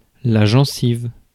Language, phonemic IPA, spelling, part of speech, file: French, /ʒɑ̃.siv/, gencive, noun, Fr-gencive.ogg
- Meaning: gum